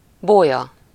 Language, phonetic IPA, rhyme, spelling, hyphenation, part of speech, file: Hungarian, [ˈboːjɒ], -jɒ, bója, bó‧ja, noun, Hu-bója.ogg
- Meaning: buoy